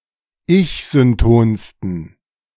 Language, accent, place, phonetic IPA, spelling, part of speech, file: German, Germany, Berlin, [ˈɪçzʏnˌtoːnstn̩], ich-syntonsten, adjective, De-ich-syntonsten.ogg
- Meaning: 1. superlative degree of ich-synton 2. inflection of ich-synton: strong genitive masculine/neuter singular superlative degree